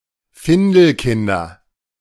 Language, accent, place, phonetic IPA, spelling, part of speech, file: German, Germany, Berlin, [ˈfɪndəlˌkɪndɐ], Findelkinder, noun, De-Findelkinder.ogg
- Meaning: nominative/accusative/genitive plural of Findelkind